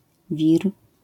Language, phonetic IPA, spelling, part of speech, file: Polish, [vʲir], wir, noun, LL-Q809 (pol)-wir.wav